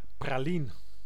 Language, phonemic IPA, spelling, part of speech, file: Dutch, /praː.ˈlin/, praline, noun, Nl-praline.ogg
- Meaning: filled chocolate (small piece of confectionery made from chocolate)